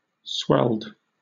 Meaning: simple past and past participle of swell
- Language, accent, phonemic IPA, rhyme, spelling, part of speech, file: English, Southern England, /ˈswɛld/, -ɛld, swelled, verb, LL-Q1860 (eng)-swelled.wav